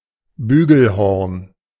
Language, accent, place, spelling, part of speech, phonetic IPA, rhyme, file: German, Germany, Berlin, Bügelhorn, noun, [ˈbyːɡl̩ˌhɔʁn], -yːɡl̩hɔʁn, De-Bügelhorn.ogg
- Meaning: saxhorn